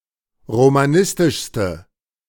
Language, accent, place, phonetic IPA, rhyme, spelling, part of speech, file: German, Germany, Berlin, [ʁomaˈnɪstɪʃstə], -ɪstɪʃstə, romanistischste, adjective, De-romanistischste.ogg
- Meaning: inflection of romanistisch: 1. strong/mixed nominative/accusative feminine singular superlative degree 2. strong nominative/accusative plural superlative degree